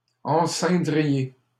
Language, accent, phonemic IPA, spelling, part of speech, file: French, Canada, /ɑ̃.sɛ̃.dʁi.je/, enceindriez, verb, LL-Q150 (fra)-enceindriez.wav
- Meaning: second-person plural conditional of enceindre